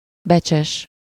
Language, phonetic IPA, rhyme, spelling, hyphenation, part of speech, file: Hungarian, [ˈbɛt͡ʃɛʃ], -ɛʃ, becses, be‧cses, adjective, Hu-becses.ogg
- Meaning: precious, valuable